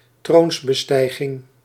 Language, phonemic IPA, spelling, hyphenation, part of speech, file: Dutch, /ˈtroːns.bəˌstɛi̯.ɣɪŋ/, troonsbestijging, troons‧be‧stij‧ging, noun, Nl-troonsbestijging.ogg
- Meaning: enthronement (act of being enthroned)